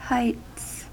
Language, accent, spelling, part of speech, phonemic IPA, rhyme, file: English, US, heights, noun, /haɪts/, -aɪts, En-us-heights.ogg
- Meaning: 1. plural of height 2. A neighborhood or other development built on a hill or mountain